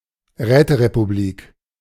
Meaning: soviet republic, communist council republic
- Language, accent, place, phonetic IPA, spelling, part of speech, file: German, Germany, Berlin, [ˈʁɛːtəʁepuˌbliːk], Räterepublik, noun, De-Räterepublik.ogg